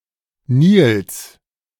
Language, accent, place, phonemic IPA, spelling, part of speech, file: German, Germany, Berlin, /niːls/, Nils, proper noun, De-Nils.ogg
- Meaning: a male given name from Swedish or Norwegian